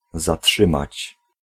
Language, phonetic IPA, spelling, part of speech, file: Polish, [zaˈṭʃɨ̃mat͡ɕ], zatrzymać, verb, Pl-zatrzymać.ogg